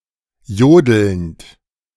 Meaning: present participle of jodeln
- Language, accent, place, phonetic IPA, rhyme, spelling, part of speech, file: German, Germany, Berlin, [ˈjoːdl̩nt], -oːdl̩nt, jodelnd, verb, De-jodelnd.ogg